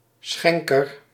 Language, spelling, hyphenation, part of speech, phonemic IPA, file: Dutch, schenker, schen‧ker, noun, /ˈsxɛŋ.kər/, Nl-schenker.ogg
- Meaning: 1. a cupbearer, one who pours drinks for a high-ranking person 2. a donor, one who gives or donates